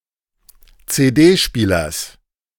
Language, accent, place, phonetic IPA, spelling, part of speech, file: German, Germany, Berlin, [t͡seːˈdeːˌʃpiːlɐs], CD-Spielers, noun, De-CD-Spielers.ogg
- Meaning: genitive singular of CD-Spieler